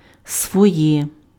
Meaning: nominative/accusative/vocative neuter singular of свій (svij)
- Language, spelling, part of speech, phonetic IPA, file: Ukrainian, своє, pronoun, [swɔˈjɛ], Uk-своє.ogg